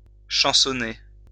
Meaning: to be satirized in song
- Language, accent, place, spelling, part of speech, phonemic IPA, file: French, France, Lyon, chansonner, verb, /ʃɑ̃.sɔ.ne/, LL-Q150 (fra)-chansonner.wav